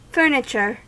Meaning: 1. Large movable item(s), usually in a room, which enhance(s) the room's characteristics, functionally or decoratively 2. The harness, trappings etc. of a horse, hawk, or other animal
- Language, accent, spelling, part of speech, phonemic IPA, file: English, US, furniture, noun, /ˈfɝ.nɪ.t͡ʃɚ/, En-us-furniture.ogg